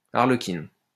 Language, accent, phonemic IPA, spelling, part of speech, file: French, France, /aʁ.lə.kin/, arlequine, noun, LL-Q150 (fra)-arlequine.wav
- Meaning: female equivalent of arlequin